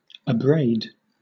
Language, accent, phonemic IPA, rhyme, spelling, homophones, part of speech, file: English, Southern England, /əˈbɹeɪd/, -eɪd, abraid, abrade, verb / adverb, LL-Q1860 (eng)-abraid.wav
- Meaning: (verb) 1. To wrench (something) out 2. To unsheathe a blade, draw a weapon 3. To wake up 4. To spring, start, make a sudden movement 5. To shout out 6. To rise in the stomach with nausea